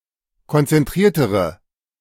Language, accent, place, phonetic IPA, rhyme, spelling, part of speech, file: German, Germany, Berlin, [kɔnt͡sɛnˈtʁiːɐ̯təʁə], -iːɐ̯təʁə, konzentriertere, adjective, De-konzentriertere.ogg
- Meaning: inflection of konzentriert: 1. strong/mixed nominative/accusative feminine singular comparative degree 2. strong nominative/accusative plural comparative degree